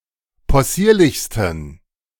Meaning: 1. superlative degree of possierlich 2. inflection of possierlich: strong genitive masculine/neuter singular superlative degree
- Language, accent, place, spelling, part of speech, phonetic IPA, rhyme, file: German, Germany, Berlin, possierlichsten, adjective, [pɔˈsiːɐ̯lɪçstn̩], -iːɐ̯lɪçstn̩, De-possierlichsten.ogg